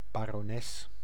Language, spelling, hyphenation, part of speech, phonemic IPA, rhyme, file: Dutch, barones, ba‧ro‧nes, noun, /baː.rɔˈnɛs/, -ɛs, Nl-barones.ogg
- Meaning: baroness (female ruler of a barony)